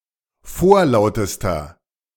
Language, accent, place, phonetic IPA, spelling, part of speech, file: German, Germany, Berlin, [ˈfoːɐ̯ˌlaʊ̯təstɐ], vorlautester, adjective, De-vorlautester.ogg
- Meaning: inflection of vorlaut: 1. strong/mixed nominative masculine singular superlative degree 2. strong genitive/dative feminine singular superlative degree 3. strong genitive plural superlative degree